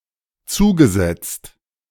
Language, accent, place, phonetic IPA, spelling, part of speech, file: German, Germany, Berlin, [ˈt͡suːɡəˌzɛt͡st], zugesetzt, verb, De-zugesetzt.ogg
- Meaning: past participle of zusetzen